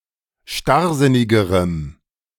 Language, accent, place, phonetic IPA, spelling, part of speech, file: German, Germany, Berlin, [ˈʃtaʁˌzɪnɪɡəʁəm], starrsinnigerem, adjective, De-starrsinnigerem.ogg
- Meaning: strong dative masculine/neuter singular comparative degree of starrsinnig